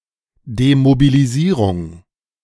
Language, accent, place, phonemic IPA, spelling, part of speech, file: German, Germany, Berlin, /demobiliˈziːʁʊŋ/, Demobilisierung, noun, De-Demobilisierung.ogg
- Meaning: demobilization